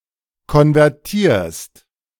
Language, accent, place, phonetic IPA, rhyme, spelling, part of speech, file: German, Germany, Berlin, [kɔnvɛʁˈtiːɐ̯st], -iːɐ̯st, konvertierst, verb, De-konvertierst.ogg
- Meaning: second-person singular present of konvertieren